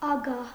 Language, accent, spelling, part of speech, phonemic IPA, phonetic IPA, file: Armenian, Eastern Armenian, ագահ, adjective, /ɑˈɡɑh/, [ɑɡɑ́h], Hy-ագահ.ogg
- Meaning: 1. avaricious, covetous, greedy 2. gluttonous, insatiable 3. miserly, parsimonious, stingy 4. craving, hankering, yearning